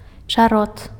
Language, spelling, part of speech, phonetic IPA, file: Belarusian, чарот, noun, [t͡ʂaˈrot], Be-чарот.ogg
- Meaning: Any sedge of the genus Scirpus